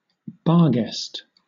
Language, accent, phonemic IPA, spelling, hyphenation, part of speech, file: English, Southern England, /ˈbɑːˌɡɛst/, barghest, bar‧ghest, noun, LL-Q1860 (eng)-barghest.wav
- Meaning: 1. A legendary monstrous black dog, said to possess large teeth and claws, and (sometimes) to be capable of changing form 2. Any ghost, wraith, hobgoblin, elf, or spirit